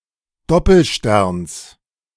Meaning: genitive singular of Doppelstern
- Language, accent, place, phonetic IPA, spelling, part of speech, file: German, Germany, Berlin, [ˈdɔpl̩ˌʃtɛʁns], Doppelsterns, noun, De-Doppelsterns.ogg